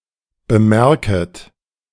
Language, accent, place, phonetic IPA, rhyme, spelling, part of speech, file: German, Germany, Berlin, [bəˈmɛʁkət], -ɛʁkət, bemerket, verb, De-bemerket.ogg
- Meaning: second-person plural subjunctive I of bemerken